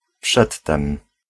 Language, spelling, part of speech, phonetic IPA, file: Polish, przedtem, pronoun, [ˈpʃɛtːɛ̃m], Pl-przedtem.ogg